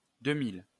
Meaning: post-1990 spelling of deux mille
- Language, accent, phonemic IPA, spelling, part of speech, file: French, France, /dø.mil/, deux-mille, numeral, LL-Q150 (fra)-deux-mille.wav